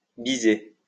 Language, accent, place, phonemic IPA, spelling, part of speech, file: French, France, Lyon, /bi.ze/, biser, verb, LL-Q150 (fra)-biser.wav
- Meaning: to kiss